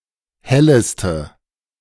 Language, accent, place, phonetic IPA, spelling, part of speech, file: German, Germany, Berlin, [ˈhɛləstə], helleste, adjective, De-helleste.ogg
- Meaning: inflection of helle: 1. strong/mixed nominative/accusative feminine singular superlative degree 2. strong nominative/accusative plural superlative degree